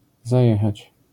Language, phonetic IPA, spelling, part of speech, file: Polish, [zaˈjɛxat͡ɕ], zajechać, verb, LL-Q809 (pol)-zajechać.wav